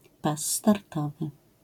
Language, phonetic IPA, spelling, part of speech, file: Polish, [ˈpas ːtarˈtɔvɨ], pas startowy, noun, LL-Q809 (pol)-pas startowy.wav